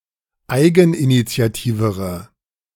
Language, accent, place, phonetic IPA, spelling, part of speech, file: German, Germany, Berlin, [ˈaɪ̯ɡn̩ʔinit͡si̯aˌtiːvəʁə], eigeninitiativere, adjective, De-eigeninitiativere.ogg
- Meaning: inflection of eigeninitiativ: 1. strong/mixed nominative/accusative feminine singular comparative degree 2. strong nominative/accusative plural comparative degree